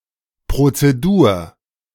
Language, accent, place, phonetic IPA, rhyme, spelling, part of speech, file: German, Germany, Berlin, [ˌpʁot͡seˈduːɐ̯], -uːɐ̯, Prozedur, noun, De-Prozedur.ogg
- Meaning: procedure